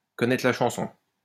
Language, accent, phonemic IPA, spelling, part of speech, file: French, France, /kɔ.nɛ.tʁə la ʃɑ̃.sɔ̃/, connaître la chanson, verb, LL-Q150 (fra)-connaître la chanson.wav
- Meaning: to know the score; to know the drill